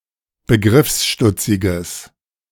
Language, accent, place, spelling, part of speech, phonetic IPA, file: German, Germany, Berlin, begriffsstutziges, adjective, [bəˈɡʁɪfsˌʃtʊt͡sɪɡəs], De-begriffsstutziges.ogg
- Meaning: strong/mixed nominative/accusative neuter singular of begriffsstutzig